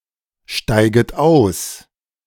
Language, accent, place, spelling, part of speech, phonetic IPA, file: German, Germany, Berlin, steiget aus, verb, [ˌʃtaɪ̯ɡət ˈaʊ̯s], De-steiget aus.ogg
- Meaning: second-person plural subjunctive I of aussteigen